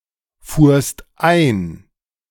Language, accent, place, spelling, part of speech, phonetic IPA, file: German, Germany, Berlin, fuhrst ein, verb, [ˌfuːɐ̯st ˈaɪ̯n], De-fuhrst ein.ogg
- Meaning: second-person singular preterite of einfahren